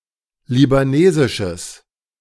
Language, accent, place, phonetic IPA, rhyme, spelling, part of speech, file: German, Germany, Berlin, [libaˈneːzɪʃəs], -eːzɪʃəs, libanesisches, adjective, De-libanesisches.ogg
- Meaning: strong/mixed nominative/accusative neuter singular of libanesisch